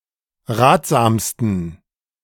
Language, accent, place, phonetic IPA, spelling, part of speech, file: German, Germany, Berlin, [ˈʁaːtz̥aːmstn̩], ratsamsten, adjective, De-ratsamsten.ogg
- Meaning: 1. superlative degree of ratsam 2. inflection of ratsam: strong genitive masculine/neuter singular superlative degree